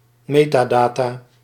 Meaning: metadata
- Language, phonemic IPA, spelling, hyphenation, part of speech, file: Dutch, /ˈmeː.taːˌdaː.taː/, metadata, me‧ta‧da‧ta, noun, Nl-metadata.ogg